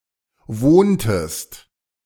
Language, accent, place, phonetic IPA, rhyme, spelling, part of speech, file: German, Germany, Berlin, [ˈvoːntəst], -oːntəst, wohntest, verb, De-wohntest.ogg
- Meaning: inflection of wohnen: 1. second-person singular preterite 2. second-person singular subjunctive II